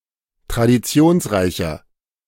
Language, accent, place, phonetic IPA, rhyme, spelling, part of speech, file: German, Germany, Berlin, [tʁadiˈt͡si̯oːnsˌʁaɪ̯çɐ], -oːnsʁaɪ̯çɐ, traditionsreicher, adjective, De-traditionsreicher.ogg
- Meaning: 1. comparative degree of traditionsreich 2. inflection of traditionsreich: strong/mixed nominative masculine singular 3. inflection of traditionsreich: strong genitive/dative feminine singular